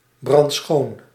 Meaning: immaculate, spotless, squeaky clean
- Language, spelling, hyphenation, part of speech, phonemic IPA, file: Dutch, brandschoon, brand‧schoon, adjective, /brɑntˈsxoːn/, Nl-brandschoon.ogg